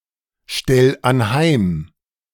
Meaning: 1. singular imperative of anheimstellen 2. first-person singular present of anheimstellen
- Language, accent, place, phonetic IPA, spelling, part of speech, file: German, Germany, Berlin, [ˌʃtɛl anˈhaɪ̯m], stell anheim, verb, De-stell anheim.ogg